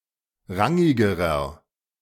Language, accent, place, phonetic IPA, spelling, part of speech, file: German, Germany, Berlin, [ˈʁaŋɪɡəʁɐ], rangigerer, adjective, De-rangigerer.ogg
- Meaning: inflection of rangig: 1. strong/mixed nominative masculine singular comparative degree 2. strong genitive/dative feminine singular comparative degree 3. strong genitive plural comparative degree